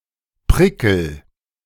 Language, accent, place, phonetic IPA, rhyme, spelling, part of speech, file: German, Germany, Berlin, [ˈpʁɪkl̩], -ɪkl̩, prickel, verb, De-prickel.ogg
- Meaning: inflection of prickeln: 1. first-person singular present 2. singular imperative